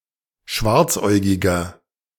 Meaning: inflection of schwarzäugig: 1. strong/mixed nominative masculine singular 2. strong genitive/dative feminine singular 3. strong genitive plural
- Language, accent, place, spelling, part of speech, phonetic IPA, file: German, Germany, Berlin, schwarzäugiger, adjective, [ˈʃvaʁt͡sˌʔɔɪ̯ɡɪɡɐ], De-schwarzäugiger.ogg